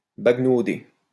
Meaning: to stroll, amble
- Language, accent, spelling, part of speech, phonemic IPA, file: French, France, baguenauder, verb, /baɡ.no.de/, LL-Q150 (fra)-baguenauder.wav